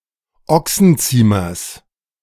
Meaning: genitive singular of Ochsenziemer
- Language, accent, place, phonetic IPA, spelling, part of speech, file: German, Germany, Berlin, [ˈɔksn̩ˌt͡siːmɐs], Ochsenziemers, noun, De-Ochsenziemers.ogg